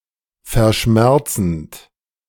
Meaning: present participle of verschmerzen
- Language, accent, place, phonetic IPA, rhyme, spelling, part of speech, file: German, Germany, Berlin, [fɛɐ̯ˈʃmɛʁt͡sn̩t], -ɛʁt͡sn̩t, verschmerzend, verb, De-verschmerzend.ogg